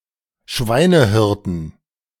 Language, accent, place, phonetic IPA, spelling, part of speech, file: German, Germany, Berlin, [ˈʃvaɪ̯nəˌhɪʁtən], Schweinehirten, noun, De-Schweinehirten.ogg
- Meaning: 1. genitive singular of Schweinehirte 2. dative singular of Schweinehirte 3. accusative singular of Schweinehirte 4. plural of Schweinehirte